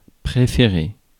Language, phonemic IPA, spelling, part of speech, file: French, /pʁe.fe.ʁe/, préférer, verb, Fr-préférer.ogg
- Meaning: to prefer